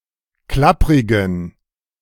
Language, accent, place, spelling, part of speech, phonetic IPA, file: German, Germany, Berlin, klapprigen, adjective, [ˈklapʁɪɡn̩], De-klapprigen.ogg
- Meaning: inflection of klapprig: 1. strong genitive masculine/neuter singular 2. weak/mixed genitive/dative all-gender singular 3. strong/weak/mixed accusative masculine singular 4. strong dative plural